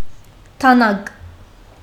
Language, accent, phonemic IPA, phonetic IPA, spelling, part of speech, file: Armenian, Western Armenian, /tɑˈnɑɡ/, [tʰɑnɑ́ɡ], դանակ, noun, HyW-դանակ.ogg
- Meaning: knife